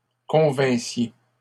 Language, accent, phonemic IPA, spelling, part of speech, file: French, Canada, /kɔ̃.vɛ̃.sje/, convinssiez, verb, LL-Q150 (fra)-convinssiez.wav
- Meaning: second-person plural imperfect subjunctive of convenir